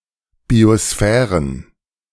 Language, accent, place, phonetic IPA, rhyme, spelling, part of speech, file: German, Germany, Berlin, [bioˈsfɛːʁən], -ɛːʁən, Biosphären, noun, De-Biosphären.ogg
- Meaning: plural of Biosphäre